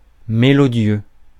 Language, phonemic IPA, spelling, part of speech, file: French, /me.lɔ.djø/, mélodieux, adjective, Fr-mélodieux.ogg
- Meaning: sweet, melodious (having a pleasant sound)